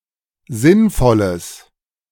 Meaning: strong/mixed nominative/accusative neuter singular of sinnvoll
- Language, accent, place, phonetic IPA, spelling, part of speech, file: German, Germany, Berlin, [ˈzɪnˌfɔləs], sinnvolles, adjective, De-sinnvolles.ogg